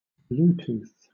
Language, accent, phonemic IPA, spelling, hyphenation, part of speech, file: English, Southern England, /ˈbluː.tuːθ/, Bluetooth, Blue‧tooth, proper noun / verb, LL-Q1860 (eng)-Bluetooth.wav
- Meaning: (proper noun) 1. The nickname of Harald Gormsson, a king of Denmark and Norway 2. An short-range wireless technology standard for personal area networks; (verb) To transmit or communicate by Bluetooth